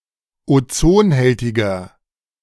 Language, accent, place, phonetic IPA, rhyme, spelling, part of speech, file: German, Germany, Berlin, [oˈt͡soːnˌhɛltɪɡɐ], -oːnhɛltɪɡɐ, ozonhältiger, adjective, De-ozonhältiger.ogg
- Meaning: inflection of ozonhältig: 1. strong/mixed nominative masculine singular 2. strong genitive/dative feminine singular 3. strong genitive plural